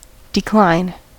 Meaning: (noun) 1. Downward movement, fall 2. A sloping downward, e.g. of a hill or road 3. A deterioration of condition; a weakening or worsening
- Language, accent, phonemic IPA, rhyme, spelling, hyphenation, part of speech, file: English, US, /dɪˈklaɪn/, -aɪn, decline, de‧cline, noun / verb, En-us-decline.ogg